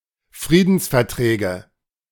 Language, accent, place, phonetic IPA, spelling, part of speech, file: German, Germany, Berlin, [ˈfʁiːdn̩sfɛɐ̯ˌtʁɛːɡə], Friedensverträge, noun, De-Friedensverträge.ogg
- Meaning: nominative/accusative/genitive plural of Friedensvertrag